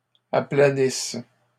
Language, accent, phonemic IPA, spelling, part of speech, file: French, Canada, /a.pla.nis/, aplanisse, verb, LL-Q150 (fra)-aplanisse.wav
- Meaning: inflection of aplanir: 1. first/third-person singular present subjunctive 2. first-person singular imperfect subjunctive